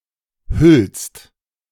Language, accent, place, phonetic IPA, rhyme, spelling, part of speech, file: German, Germany, Berlin, [hʏlst], -ʏlst, hüllst, verb, De-hüllst.ogg
- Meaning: second-person singular present of hüllen